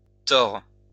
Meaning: plural of tort
- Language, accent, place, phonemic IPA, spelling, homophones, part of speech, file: French, France, Lyon, /tɔʁ/, torts, Thor / tord / tords / tore / tores / tors / tort, noun, LL-Q150 (fra)-torts.wav